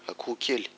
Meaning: chick (baby chicken)
- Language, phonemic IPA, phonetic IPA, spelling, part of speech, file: Malagasy, /aˌkuhuˈkelʲ/, [əˌkuːˈkelʲ], akohokely, noun, Mg-akohokely.ogg